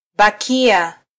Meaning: Applicative form of -baki: to continue to be somewhere
- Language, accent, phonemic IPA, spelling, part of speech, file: Swahili, Kenya, /ɓɑˈki.ɑ/, bakia, verb, Sw-ke-bakia.flac